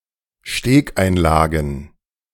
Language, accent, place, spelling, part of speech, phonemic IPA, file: German, Germany, Berlin, Stegeinlagen, noun, /ˈʃteːkˌʔaɪ̯nlaːɡn̩/, De-Stegeinlagen.ogg
- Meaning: plural of Stegeinlage